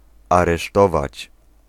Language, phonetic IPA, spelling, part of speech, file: Polish, [ˌarɛˈʃtɔvat͡ɕ], aresztować, verb, Pl-aresztować.ogg